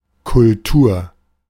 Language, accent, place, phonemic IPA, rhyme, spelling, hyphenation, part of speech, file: German, Germany, Berlin, /kʊlˈtuːɐ̯/, -uːɐ̯, Kultur, Kul‧tur, noun, De-Kultur.ogg
- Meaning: culture